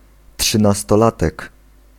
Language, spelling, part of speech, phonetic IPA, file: Polish, trzynastolatek, noun, [ˌṭʃɨ̃nastɔˈlatɛk], Pl-trzynastolatek.ogg